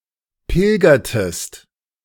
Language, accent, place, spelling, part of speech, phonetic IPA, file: German, Germany, Berlin, pilgertest, verb, [ˈpɪlɡɐtəst], De-pilgertest.ogg
- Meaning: inflection of pilgern: 1. second-person singular preterite 2. second-person singular subjunctive II